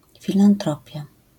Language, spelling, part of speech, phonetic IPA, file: Polish, filantropia, noun, [ˌfʲilãnˈtrɔpʲja], LL-Q809 (pol)-filantropia.wav